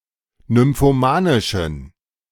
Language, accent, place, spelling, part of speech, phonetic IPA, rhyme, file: German, Germany, Berlin, nymphomanischen, adjective, [nʏmfoˈmaːnɪʃn̩], -aːnɪʃn̩, De-nymphomanischen.ogg
- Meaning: inflection of nymphomanisch: 1. strong genitive masculine/neuter singular 2. weak/mixed genitive/dative all-gender singular 3. strong/weak/mixed accusative masculine singular 4. strong dative plural